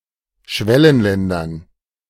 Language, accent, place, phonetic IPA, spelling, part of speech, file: German, Germany, Berlin, [ˈʃvɛlənlɛndɐn], Schwellenländern, noun, De-Schwellenländern.ogg
- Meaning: dative plural of Schwellenland